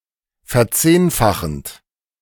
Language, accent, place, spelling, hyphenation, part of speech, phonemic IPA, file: German, Germany, Berlin, verzehnfachend, ver‧zehn‧fa‧chend, verb, /fɛɐ̯ˈt͡seːnfaxənt/, De-verzehnfachend.ogg
- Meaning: present participle of verzehnfachen